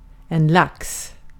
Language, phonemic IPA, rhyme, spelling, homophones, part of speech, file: Swedish, /laks/, -aks, lax, lacks, noun, Sv-lax.ogg
- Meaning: 1. salmon (fish) 2. salmon (meat) 3. A thousand of some unit of currency, typically SEK